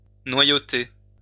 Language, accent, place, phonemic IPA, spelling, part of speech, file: French, France, Lyon, /nwa.jo.te/, noyauter, verb, LL-Q150 (fra)-noyauter.wav
- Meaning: to infiltrate